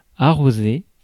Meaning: 1. to water (e.g. plants) 2. to sprinkle 3. to squirt 4. to spray 5. to celebrate (with a drink) 6. to grease someone's palm, to bribe
- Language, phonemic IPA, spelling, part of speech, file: French, /a.ʁo.ze/, arroser, verb, Fr-arroser.ogg